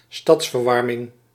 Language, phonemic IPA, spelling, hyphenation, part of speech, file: Dutch, /ˈstɑts.vərˌʋɑr.mɪŋ/, stadsverwarming, stads‧ver‧war‧ming, noun, Nl-stadsverwarming.ogg
- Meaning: district heating